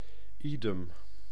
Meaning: idem, ditto
- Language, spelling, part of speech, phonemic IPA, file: Dutch, idem, adverb, /ˈidɛm/, Nl-idem.ogg